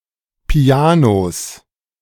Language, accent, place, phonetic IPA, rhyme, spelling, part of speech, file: German, Germany, Berlin, [piˈaːnos], -aːnos, Pianos, noun, De-Pianos.ogg
- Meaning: plural of Piano